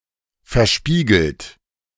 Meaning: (verb) past participle of verspiegeln; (adjective) mirrored
- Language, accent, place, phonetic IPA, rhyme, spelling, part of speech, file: German, Germany, Berlin, [fɛɐ̯ˈʃpiːɡl̩t], -iːɡl̩t, verspiegelt, verb, De-verspiegelt.ogg